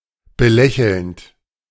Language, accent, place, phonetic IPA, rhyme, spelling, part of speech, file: German, Germany, Berlin, [bəˈlɛçl̩nt], -ɛçl̩nt, belächelnd, verb, De-belächelnd.ogg
- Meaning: present participle of belächeln